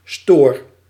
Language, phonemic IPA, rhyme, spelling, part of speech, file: Dutch, /stoːr/, -oːr, stoor, verb, Nl-stoor.ogg
- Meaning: inflection of storen: 1. first-person singular present indicative 2. second-person singular present indicative 3. imperative